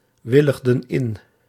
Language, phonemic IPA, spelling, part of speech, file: Dutch, /ˈwɪləɣdə(n) ˈɪn/, willigden in, verb, Nl-willigden in.ogg
- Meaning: inflection of inwilligen: 1. plural past indicative 2. plural past subjunctive